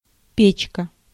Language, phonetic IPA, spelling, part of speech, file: Russian, [ˈpʲet͡ɕkə], печка, noun, Ru-печка.ogg
- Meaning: 1. stove, oven 2. heater in an automobile